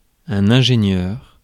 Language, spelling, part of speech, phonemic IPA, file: French, ingénieur, noun, /ɛ̃.ʒe.njœʁ/, Fr-ingénieur.ogg
- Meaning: 1. engineer (person qualified or professionally engaged in engineering) 2. conductor